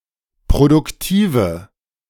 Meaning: inflection of produktiv: 1. strong/mixed nominative/accusative feminine singular 2. strong nominative/accusative plural 3. weak nominative all-gender singular
- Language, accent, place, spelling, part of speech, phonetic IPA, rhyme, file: German, Germany, Berlin, produktive, adjective, [pʁodʊkˈtiːvə], -iːvə, De-produktive.ogg